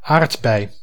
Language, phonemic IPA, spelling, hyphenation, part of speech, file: Dutch, /ˈaːrt.bɛi̯/, aardbei, aard‧bei, noun, Nl-aardbei.ogg
- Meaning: 1. strawberry (berry of various plants of genus Fragaria) 2. strawberry (any plant of genus Fragaria)